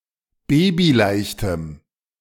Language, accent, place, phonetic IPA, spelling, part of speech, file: German, Germany, Berlin, [ˈbeːbiˌlaɪ̯çtəm], babyleichtem, adjective, De-babyleichtem.ogg
- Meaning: strong dative masculine/neuter singular of babyleicht